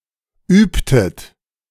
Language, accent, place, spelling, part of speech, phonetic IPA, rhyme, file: German, Germany, Berlin, übtet, verb, [ˈyːptət], -yːptət, De-übtet.ogg
- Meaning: inflection of üben: 1. second-person plural preterite 2. second-person plural subjunctive II